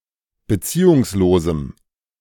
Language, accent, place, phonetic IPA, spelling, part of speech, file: German, Germany, Berlin, [bəˈt͡siːʊŋsˌloːzm̩], beziehungslosem, adjective, De-beziehungslosem.ogg
- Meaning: strong dative masculine/neuter singular of beziehungslos